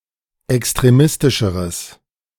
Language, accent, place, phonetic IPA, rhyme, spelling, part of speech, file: German, Germany, Berlin, [ɛkstʁeˈmɪstɪʃəʁəs], -ɪstɪʃəʁəs, extremistischeres, adjective, De-extremistischeres.ogg
- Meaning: strong/mixed nominative/accusative neuter singular comparative degree of extremistisch